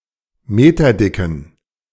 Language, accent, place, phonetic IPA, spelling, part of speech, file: German, Germany, Berlin, [ˈmeːtɐˌdɪkn̩], meterdicken, adjective, De-meterdicken.ogg
- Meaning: inflection of meterdick: 1. strong genitive masculine/neuter singular 2. weak/mixed genitive/dative all-gender singular 3. strong/weak/mixed accusative masculine singular 4. strong dative plural